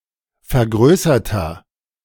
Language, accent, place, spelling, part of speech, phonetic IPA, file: German, Germany, Berlin, vergrößerter, adjective, [fɛɐ̯ˈɡʁøːsɐtɐ], De-vergrößerter.ogg
- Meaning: inflection of vergrößert: 1. strong/mixed nominative masculine singular 2. strong genitive/dative feminine singular 3. strong genitive plural